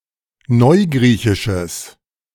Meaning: strong/mixed nominative/accusative neuter singular of neugriechisch
- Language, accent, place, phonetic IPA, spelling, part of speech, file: German, Germany, Berlin, [ˈnɔɪ̯ˌɡʁiːçɪʃəs], neugriechisches, adjective, De-neugriechisches.ogg